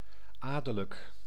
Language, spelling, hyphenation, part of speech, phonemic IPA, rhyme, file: Dutch, adellijk, adel‧lijk, adjective, /ˈaː.də.lək/, -aːdələk, Nl-adellijk.ogg
- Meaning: noble